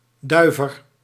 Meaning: male dove, a cock pigeon
- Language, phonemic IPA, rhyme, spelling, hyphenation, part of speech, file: Dutch, /ˈdœy̯.vər/, -œy̯vər, duiver, dui‧ver, noun, Nl-duiver.ogg